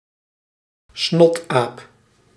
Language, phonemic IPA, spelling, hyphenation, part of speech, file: Dutch, /ˈsnɔt.aːp/, snotaap, snot‧aap, noun, Nl-snotaap.ogg
- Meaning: snot, contemptible brat